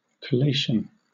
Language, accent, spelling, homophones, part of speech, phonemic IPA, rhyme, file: English, Southern England, collation, colation, noun / verb, /kəˈleɪʃən/, -eɪʃən, LL-Q1860 (eng)-collation.wav
- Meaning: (noun) Bringing together.: 1. The act of bringing things together and comparing them; comparison 2. The act of collating pages or sheets of a book, or from printing etc 3. A collection, a gathering